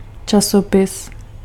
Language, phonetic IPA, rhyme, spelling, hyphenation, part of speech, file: Czech, [ˈt͡ʃasopɪs], -opɪs, časopis, ča‧so‧pis, noun, Cs-časopis.ogg
- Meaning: magazine, journal (periodical publication)